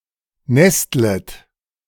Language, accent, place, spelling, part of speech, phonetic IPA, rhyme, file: German, Germany, Berlin, nestlet, verb, [ˈnɛstlət], -ɛstlət, De-nestlet.ogg
- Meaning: second-person plural subjunctive I of nesteln